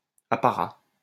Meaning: pomp, ceremony
- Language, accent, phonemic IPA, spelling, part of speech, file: French, France, /a.pa.ʁa/, apparat, noun, LL-Q150 (fra)-apparat.wav